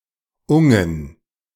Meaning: plural of -ung
- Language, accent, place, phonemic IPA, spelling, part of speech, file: German, Germany, Berlin, /ʊŋən/, -ungen, suffix, De--ungen.ogg